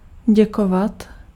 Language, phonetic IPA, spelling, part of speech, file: Czech, [ˈɟɛkovat], děkovat, verb, Cs-děkovat.ogg
- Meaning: to thank (to express gratitude)